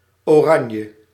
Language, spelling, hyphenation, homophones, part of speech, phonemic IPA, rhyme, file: Dutch, Oranje, Oran‧je, oranje, noun / proper noun, /ˌoːˈrɑ.njə/, -ɑnjə, Nl-Oranje.ogg
- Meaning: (noun) a member of the Dutch royal family; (proper noun) 1. the house of Orange, Orange-Nassau 2. Orange, a principality in France, historically one of the primary fiefs of the house of Orange-Nassau